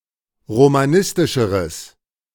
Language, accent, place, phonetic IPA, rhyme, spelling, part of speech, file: German, Germany, Berlin, [ʁomaˈnɪstɪʃəʁəs], -ɪstɪʃəʁəs, romanistischeres, adjective, De-romanistischeres.ogg
- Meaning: strong/mixed nominative/accusative neuter singular comparative degree of romanistisch